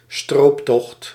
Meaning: a poaching or plundering expedition
- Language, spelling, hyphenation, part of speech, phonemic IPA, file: Dutch, strooptocht, stroop‧tocht, noun, /ˈstroːp.tɔxt/, Nl-strooptocht.ogg